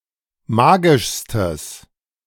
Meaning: strong/mixed nominative/accusative neuter singular superlative degree of magisch
- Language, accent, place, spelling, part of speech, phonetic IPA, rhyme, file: German, Germany, Berlin, magischstes, adjective, [ˈmaːɡɪʃstəs], -aːɡɪʃstəs, De-magischstes.ogg